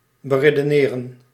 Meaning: to argue, reason
- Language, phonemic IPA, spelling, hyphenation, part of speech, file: Dutch, /bəreːdəˈneːrə(n)/, beredeneren, be‧re‧de‧ne‧ren, verb, Nl-beredeneren.ogg